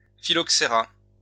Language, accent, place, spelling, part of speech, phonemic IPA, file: French, France, Lyon, phylloxéra, noun, /fi.lɔk.se.ʁa/, LL-Q150 (fra)-phylloxéra.wav
- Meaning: phylloxera